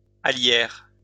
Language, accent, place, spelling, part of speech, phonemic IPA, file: French, France, Lyon, alliaire, noun, /a.ljɛʁ/, LL-Q150 (fra)-alliaire.wav
- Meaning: garlic mustard (or any similar plant of the genus Alliaria)